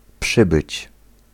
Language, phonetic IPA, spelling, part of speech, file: Polish, [ˈpʃɨbɨt͡ɕ], przybyć, verb, Pl-przybyć.ogg